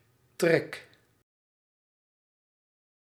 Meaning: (noun) 1. appetite 2. journey, migration 3. animal migration 4. draught, air current through a chimney 5. feature, trait; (verb) inflection of trekken: first-person singular present indicative
- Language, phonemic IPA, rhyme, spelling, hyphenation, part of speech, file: Dutch, /trɛk/, -ɛk, trek, trek, noun / verb, Nl-trek.ogg